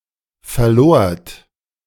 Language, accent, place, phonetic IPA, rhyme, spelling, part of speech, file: German, Germany, Berlin, [fɛɐ̯ˈloːɐ̯t], -oːɐ̯t, verlort, verb, De-verlort.ogg
- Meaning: second-person plural preterite of verlieren